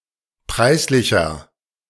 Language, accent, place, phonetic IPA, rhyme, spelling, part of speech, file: German, Germany, Berlin, [ˈpʁaɪ̯sˌlɪçɐ], -aɪ̯slɪçɐ, preislicher, adjective, De-preislicher.ogg
- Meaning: inflection of preislich: 1. strong/mixed nominative masculine singular 2. strong genitive/dative feminine singular 3. strong genitive plural